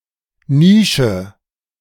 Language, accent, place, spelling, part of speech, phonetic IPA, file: German, Germany, Berlin, Nische, noun, [ˈniːʃə], De-Nische.ogg
- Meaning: niche